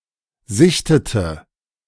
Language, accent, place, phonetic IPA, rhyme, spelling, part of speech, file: German, Germany, Berlin, [ˈzɪçtətə], -ɪçtətə, sichtete, verb, De-sichtete.ogg
- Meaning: inflection of sichten: 1. first/third-person singular preterite 2. first/third-person singular subjunctive II